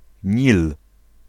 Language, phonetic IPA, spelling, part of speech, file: Polish, [ɲil], Nil, proper noun, Pl-Nil.ogg